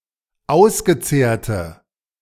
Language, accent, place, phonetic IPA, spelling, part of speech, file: German, Germany, Berlin, [ˈaʊ̯sɡəˌt͡seːɐ̯tə], ausgezehrte, adjective, De-ausgezehrte.ogg
- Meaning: inflection of ausgezehrt: 1. strong/mixed nominative/accusative feminine singular 2. strong nominative/accusative plural 3. weak nominative all-gender singular